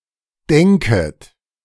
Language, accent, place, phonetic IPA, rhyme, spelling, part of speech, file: German, Germany, Berlin, [ˈdɛŋkət], -ɛŋkət, denket, verb, De-denket.ogg
- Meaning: second-person plural subjunctive I of denken